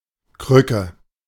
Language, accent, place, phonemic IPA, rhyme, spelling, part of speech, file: German, Germany, Berlin, /ˈkʁʏkə/, -ʏkə, Krücke, noun, De-Krücke.ogg
- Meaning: 1. crutch 2. crotch; prop 3. laggard, snail (slow person) 4. piece of junk